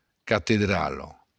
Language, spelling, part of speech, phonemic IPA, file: Occitan, catedrala, noun, /kateˈðɾalo/, LL-Q942602-catedrala.wav
- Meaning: cathedral